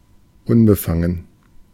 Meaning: 1. impartial, unbiased 2. uninhibited, unselfconscious
- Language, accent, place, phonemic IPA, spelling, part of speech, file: German, Germany, Berlin, /ˈʊnbəˌfaŋən/, unbefangen, adjective, De-unbefangen.ogg